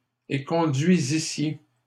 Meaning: second-person plural imperfect subjunctive of éconduire
- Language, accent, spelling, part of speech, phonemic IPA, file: French, Canada, éconduisissiez, verb, /e.kɔ̃.dɥi.zi.sje/, LL-Q150 (fra)-éconduisissiez.wav